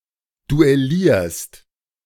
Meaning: second-person singular present of duellieren
- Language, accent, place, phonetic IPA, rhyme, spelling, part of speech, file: German, Germany, Berlin, [duɛˈliːɐ̯st], -iːɐ̯st, duellierst, verb, De-duellierst.ogg